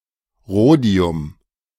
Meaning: rhodium
- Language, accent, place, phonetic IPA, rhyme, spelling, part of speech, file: German, Germany, Berlin, [ˈʁoːdi̯ʊm], -oːdi̯ʊm, Rhodium, noun, De-Rhodium.ogg